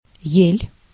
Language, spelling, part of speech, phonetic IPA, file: Russian, ель, noun, [jelʲ], Ru-ель.ogg
- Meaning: 1. spruce 2. fir-tree